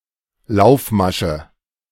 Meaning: run (line of knit stitches that have unravelled)
- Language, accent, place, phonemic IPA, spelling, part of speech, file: German, Germany, Berlin, /ˈlaʊ̯fˌmaʃə/, Laufmasche, noun, De-Laufmasche.ogg